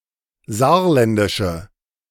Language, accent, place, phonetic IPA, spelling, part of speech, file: German, Germany, Berlin, [ˈzaːɐ̯ˌlɛndɪʃə], saarländische, adjective, De-saarländische.ogg
- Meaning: inflection of saarländisch: 1. strong/mixed nominative/accusative feminine singular 2. strong nominative/accusative plural 3. weak nominative all-gender singular